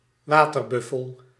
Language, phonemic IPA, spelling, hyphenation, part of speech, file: Dutch, /ˈʋaː.tərˌbʏ.fəl/, waterbuffel, wa‧ter‧buf‧fel, noun, Nl-waterbuffel.ogg
- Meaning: water buffalo (Bubalus bubalis)